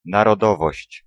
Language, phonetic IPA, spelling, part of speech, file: Polish, [ˌnarɔˈdɔvɔɕt͡ɕ], narodowość, noun, Pl-narodowość.ogg